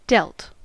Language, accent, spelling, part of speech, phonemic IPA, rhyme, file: English, US, dealt, verb, /ˈdɛlt/, -ɛlt, En-us-dealt.ogg
- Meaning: simple past and past participle of deal